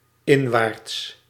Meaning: inwards
- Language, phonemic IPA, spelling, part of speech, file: Dutch, /ˈɪɱwarts/, inwaarts, adjective / adverb, Nl-inwaarts.ogg